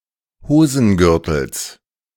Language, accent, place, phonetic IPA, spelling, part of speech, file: German, Germany, Berlin, [ˈhoːzn̩ˌɡʏʁtl̩s], Hosengürtels, noun, De-Hosengürtels.ogg
- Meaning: genitive singular of Hosengürtel